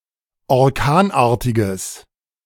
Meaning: strong/mixed nominative/accusative neuter singular of orkanartig
- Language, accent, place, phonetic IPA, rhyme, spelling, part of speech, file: German, Germany, Berlin, [ɔʁˈkaːnˌʔaːɐ̯tɪɡəs], -aːnʔaːɐ̯tɪɡəs, orkanartiges, adjective, De-orkanartiges.ogg